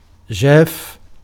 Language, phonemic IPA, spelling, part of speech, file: Arabic, /d͡ʒaːff/, جاف, adjective, Ar-جاف.ogg
- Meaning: dry, withered